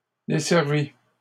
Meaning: feminine plural of desservi
- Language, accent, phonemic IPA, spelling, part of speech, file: French, Canada, /de.sɛʁ.vi/, desservies, verb, LL-Q150 (fra)-desservies.wav